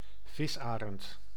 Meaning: osprey (Pandion haliaetus)
- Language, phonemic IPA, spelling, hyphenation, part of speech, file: Dutch, /ˈvɪsˌaː.rənt/, visarend, vis‧arend, noun, Nl-visarend.ogg